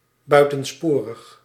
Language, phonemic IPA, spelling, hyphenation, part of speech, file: Dutch, /ˌbœy̯.tə(n)ˈspoː.rəx/, buitensporig, bui‧ten‧spo‧rig, adjective, Nl-buitensporig.ogg
- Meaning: extravagant, lavish, excessive